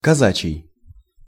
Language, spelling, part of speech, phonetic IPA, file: Russian, казачий, adjective, [kɐˈzat͡ɕɪj], Ru-казачий.ogg
- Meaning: Cossack